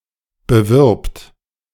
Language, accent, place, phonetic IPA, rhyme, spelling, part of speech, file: German, Germany, Berlin, [bəˈvɪʁpt], -ɪʁpt, bewirbt, verb, De-bewirbt.ogg
- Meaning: third-person singular present of bewerben